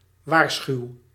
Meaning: inflection of waarschuwen: 1. first-person singular present indicative 2. second-person singular present indicative 3. imperative
- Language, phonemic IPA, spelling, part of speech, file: Dutch, /ˈʋaːrsxyu/, waarschuw, verb, Nl-waarschuw.ogg